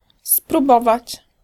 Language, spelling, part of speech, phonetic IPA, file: Polish, spróbować, verb, [spruˈbɔvat͡ɕ], Pl-spróbować.ogg